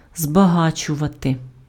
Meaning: 1. to enrich, to make rich, to make richer 2. to concentrate
- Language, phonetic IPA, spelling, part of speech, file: Ukrainian, [zbɐˈɦat͡ʃʊʋɐte], збагачувати, verb, Uk-збагачувати.ogg